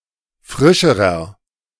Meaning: inflection of frisch: 1. strong/mixed nominative masculine singular comparative degree 2. strong genitive/dative feminine singular comparative degree 3. strong genitive plural comparative degree
- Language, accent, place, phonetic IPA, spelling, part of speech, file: German, Germany, Berlin, [ˈfʁɪʃəʁɐ], frischerer, adjective, De-frischerer.ogg